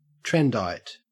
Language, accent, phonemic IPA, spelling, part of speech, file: English, Australia, /ˈtɹɛndaɪt/, trendite, noun, En-au-trendite.ogg
- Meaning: A person given to following trends